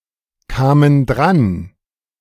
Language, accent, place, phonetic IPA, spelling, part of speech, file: German, Germany, Berlin, [ˌkaːmən ˈdʁan], kamen dran, verb, De-kamen dran.ogg
- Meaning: first/third-person plural preterite of drankommen